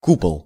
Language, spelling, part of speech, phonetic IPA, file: Russian, купол, noun, [ˈkupəɫ], Ru-купол.ogg
- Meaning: 1. cupola, dome 2. umbrella (the main body of a jellyfish, excluding the tentacles)